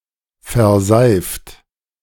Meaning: 1. past participle of verseifen 2. inflection of verseifen: second-person plural present 3. inflection of verseifen: third-person singular present 4. inflection of verseifen: plural imperative
- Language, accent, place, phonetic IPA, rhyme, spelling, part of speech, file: German, Germany, Berlin, [fɛɐ̯ˈzaɪ̯ft], -aɪ̯ft, verseift, verb, De-verseift.ogg